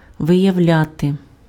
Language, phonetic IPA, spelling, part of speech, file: Ukrainian, [ʋejɐu̯ˈlʲate], виявляти, verb, Uk-виявляти.ogg
- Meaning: 1. to show, to manifest, to display, to evince 2. to reveal, to uncover, to disclose, to bring to light 3. to discover, to detect